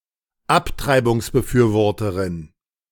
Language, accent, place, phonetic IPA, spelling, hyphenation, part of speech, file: German, Germany, Berlin, [ˈaptʀaɪ̯bʊŋsbəˌfyːɐ̯vɔʁəʁɪn], Abtreibungsbefürworterin, Ab‧trei‧bungs‧be‧für‧wor‧te‧rin, noun, De-Abtreibungsbefürworterin.ogg
- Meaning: pro-choice advocate, pro-choice campaigner, pro-choicer, proabortionist (pro-abortionist) (female) (one who is supportive of the legality of abortion)